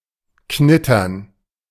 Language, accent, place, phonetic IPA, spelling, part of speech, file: German, Germany, Berlin, [ˈknɪtɐn], knittern, verb, De-knittern.ogg
- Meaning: 1. to crease 2. to crumple 3. to crinkle